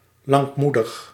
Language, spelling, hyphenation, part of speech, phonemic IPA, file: Dutch, lankmoedig, lank‧moe‧dig, adjective, /ˌlɑŋkˈmu.dəx/, Nl-lankmoedig.ogg
- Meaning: forbearing, forgiving, patient, longanimous